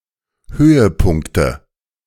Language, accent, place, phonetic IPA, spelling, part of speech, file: German, Germany, Berlin, [ˈhøːəˌpʊŋktə], Höhepunkte, noun, De-Höhepunkte.ogg
- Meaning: nominative/accusative/genitive plural of Höhepunkt